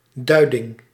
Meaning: the act of providing meaning or context to help others understand (may at times approximate punditry)
- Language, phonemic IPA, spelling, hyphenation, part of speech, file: Dutch, /ˈdœy̯.dɪŋ/, duiding, dui‧ding, noun, Nl-duiding.ogg